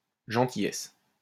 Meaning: kindness; niceness
- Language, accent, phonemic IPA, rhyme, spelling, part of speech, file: French, France, /ʒɑ̃.ti.jɛs/, -ɛs, gentillesse, noun, LL-Q150 (fra)-gentillesse.wav